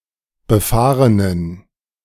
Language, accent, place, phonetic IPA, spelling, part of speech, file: German, Germany, Berlin, [bəˈfaːʁənən], befahrenen, adjective, De-befahrenen.ogg
- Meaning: inflection of befahren: 1. strong genitive masculine/neuter singular 2. weak/mixed genitive/dative all-gender singular 3. strong/weak/mixed accusative masculine singular 4. strong dative plural